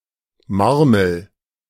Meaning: 1. dated form of Murmel (“marble, glass ball”) 2. dated form of Marmor (“marble, kind of stone”)
- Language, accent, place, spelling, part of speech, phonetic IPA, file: German, Germany, Berlin, Marmel, noun, [ˈmaʁml̩], De-Marmel.ogg